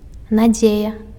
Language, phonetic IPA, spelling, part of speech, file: Belarusian, [naˈd͡zʲeja], надзея, noun, Be-надзея.ogg
- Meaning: hope